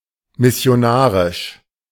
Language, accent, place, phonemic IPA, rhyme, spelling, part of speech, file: German, Germany, Berlin, /mɪsɪ̯oˈnaːʁɪʃ/, -aːʁɪʃ, missionarisch, adjective, De-missionarisch.ogg
- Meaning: missionary